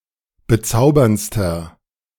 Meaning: inflection of bezaubernd: 1. strong/mixed nominative masculine singular superlative degree 2. strong genitive/dative feminine singular superlative degree 3. strong genitive plural superlative degree
- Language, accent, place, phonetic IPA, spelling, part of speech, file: German, Germany, Berlin, [bəˈt͡saʊ̯bɐnt͡stɐ], bezauberndster, adjective, De-bezauberndster.ogg